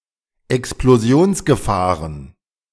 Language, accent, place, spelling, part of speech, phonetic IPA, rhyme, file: German, Germany, Berlin, Explosionsgefahren, noun, [ɛksploˈzi̯oːnsɡəˌfaːʁən], -oːnsɡəfaːʁən, De-Explosionsgefahren.ogg
- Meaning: plural of Explosionsgefahr